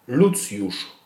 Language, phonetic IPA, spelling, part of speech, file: Polish, [ˈlut͡sʲjuʃ], Lucjusz, proper noun, Pl-Lucjusz.ogg